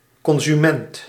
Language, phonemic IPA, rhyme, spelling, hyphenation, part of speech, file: Dutch, /ˌkɔn.zyˈmɛnt/, -ɛnt, consument, con‧su‧ment, noun, Nl-consument.ogg
- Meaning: a consumer, who buys and/or uses goods or services